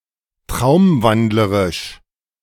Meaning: sleepwalking
- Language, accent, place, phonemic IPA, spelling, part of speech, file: German, Germany, Berlin, /ˈtʁaʊ̯mˌvandləʁɪʃ/, traumwandlerisch, adjective, De-traumwandlerisch.ogg